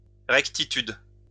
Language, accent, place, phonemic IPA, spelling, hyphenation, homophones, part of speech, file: French, France, Lyon, /ʁɛk.ti.tyd/, rectitude, rec‧ti‧tude, rectitudes, noun, LL-Q150 (fra)-rectitude.wav
- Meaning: rectitude